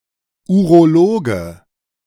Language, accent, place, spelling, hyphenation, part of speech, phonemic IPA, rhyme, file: German, Germany, Berlin, Urologe, Uro‧lo‧ge, noun, /ˌuʁoˈloːɡə/, -oːɡə, De-Urologe.ogg
- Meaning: urologist (male or of unspecified gender)